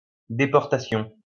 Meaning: 1. deportation 2. internment (in a concentration camp)
- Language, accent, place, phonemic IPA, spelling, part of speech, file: French, France, Lyon, /de.pɔʁ.ta.sjɔ̃/, déportation, noun, LL-Q150 (fra)-déportation.wav